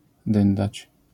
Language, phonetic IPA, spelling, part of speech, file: Polish, [ˈdɨ̃ndat͡ɕ], dyndać, verb, LL-Q809 (pol)-dyndać.wav